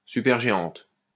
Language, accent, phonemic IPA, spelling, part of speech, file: French, France, /sy.pɛʁ.ʒe.ɑ̃t/, supergéante, noun, LL-Q150 (fra)-supergéante.wav
- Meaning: supergiant